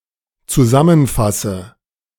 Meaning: inflection of zusammenfassen: 1. first-person singular dependent present 2. first/third-person singular dependent subjunctive I
- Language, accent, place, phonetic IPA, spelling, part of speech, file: German, Germany, Berlin, [t͡suˈzamənˌfasə], zusammenfasse, verb, De-zusammenfasse.ogg